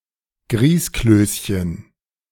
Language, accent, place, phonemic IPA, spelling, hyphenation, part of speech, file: German, Germany, Berlin, /ˈɡʁiːskløːsçən/, Grießklößchen, Grieß‧klöß‧chen, noun, De-Grießklößchen.ogg
- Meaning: diminutive of Grießkloß